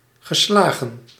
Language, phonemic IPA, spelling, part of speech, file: Dutch, /ɣəˈslaːɣə(n)/, geslagen, verb, Nl-geslagen.ogg
- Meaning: past participle of slaan